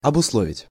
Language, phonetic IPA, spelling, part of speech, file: Russian, [ɐbʊsˈɫovʲɪtʲ], обусловить, verb, Ru-обусловить.ogg
- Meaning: to condition, to stipulate, to determine, to govern, to dictate